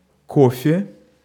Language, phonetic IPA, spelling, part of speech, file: Russian, [ˈkofʲe], кофе, noun, Ru-кофе.ogg
- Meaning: 1. coffee (in the form of a beverage) 2. coffee (in the form of beans)